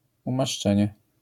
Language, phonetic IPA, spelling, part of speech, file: Polish, [ˌũmaʃˈt͡ʃɛ̃ɲɛ], umaszczenie, noun, LL-Q809 (pol)-umaszczenie.wav